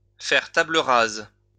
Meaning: to start again from scratch, to start again with a clean slate
- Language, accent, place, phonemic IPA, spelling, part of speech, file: French, France, Lyon, /fɛʁ ta.blə ʁaz/, faire table rase, verb, LL-Q150 (fra)-faire table rase.wav